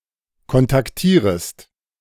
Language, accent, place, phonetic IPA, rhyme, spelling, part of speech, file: German, Germany, Berlin, [kɔntakˈtiːʁəst], -iːʁəst, kontaktierest, verb, De-kontaktierest.ogg
- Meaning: second-person singular subjunctive I of kontaktieren